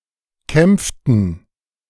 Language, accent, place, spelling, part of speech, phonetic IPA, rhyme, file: German, Germany, Berlin, kämpften, verb, [ˈkɛmp͡ftn̩], -ɛmp͡ftn̩, De-kämpften.ogg
- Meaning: inflection of kämpfen: 1. first/third-person plural preterite 2. first/third-person plural subjunctive II